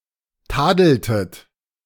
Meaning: inflection of tadeln: 1. second-person plural preterite 2. second-person plural subjunctive II
- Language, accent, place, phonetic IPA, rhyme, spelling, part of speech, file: German, Germany, Berlin, [ˈtaːdl̩tət], -aːdl̩tət, tadeltet, verb, De-tadeltet.ogg